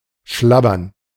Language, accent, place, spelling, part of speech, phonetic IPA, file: German, Germany, Berlin, schlabbern, verb, [ˈʃlabɐn], De-schlabbern.ogg
- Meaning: 1. to lap (of animals) 2. to eat hastily and carelessly, with the food partly falling out of one's mouth